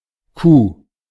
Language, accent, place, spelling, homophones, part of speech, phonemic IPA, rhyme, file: German, Germany, Berlin, Coup, Kuh / Q, noun, /kuː/, -uː, De-Coup.ogg
- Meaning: 1. coup (quick, brilliant, successful act) 2. coup d'état